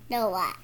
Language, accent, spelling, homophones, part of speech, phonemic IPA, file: English, US, Noah, NOAA, proper noun / noun, /ˈnoʊə/, Noah.wav
- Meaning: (proper noun) 1. A figure in Abrahamic religions, believed to have built an ark to save his family and members of each species of animal from the Great Flood 2. A male given name from Hebrew